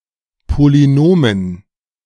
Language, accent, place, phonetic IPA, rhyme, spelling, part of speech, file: German, Germany, Berlin, [poliˈnoːmən], -oːmən, Polynomen, noun, De-Polynomen.ogg
- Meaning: dative plural of Polynom